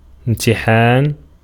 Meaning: 1. verbal noun of اِمْتَحَنَ (imtaḥana) (form VIII) 2. examination 3. test
- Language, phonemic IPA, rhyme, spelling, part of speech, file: Arabic, /im.ti.ħaːn/, -aːn, امتحان, noun, Ar-امتحان.ogg